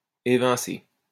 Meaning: 1. to evict (expel) 2. to depose 3. to knock out, eliminate, do away with, see off
- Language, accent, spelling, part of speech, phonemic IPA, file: French, France, évincer, verb, /e.vɛ̃.se/, LL-Q150 (fra)-évincer.wav